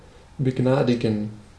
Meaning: to pardon
- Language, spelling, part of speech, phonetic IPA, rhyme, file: German, begnadigen, verb, [bəˈɡnaːdɪɡn̩], -aːdɪɡn̩, De-begnadigen.ogg